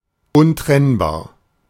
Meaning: inseparable
- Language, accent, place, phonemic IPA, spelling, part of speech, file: German, Germany, Berlin, /ʊnˈtʁɛnbaːɐ̯/, untrennbar, adjective, De-untrennbar.ogg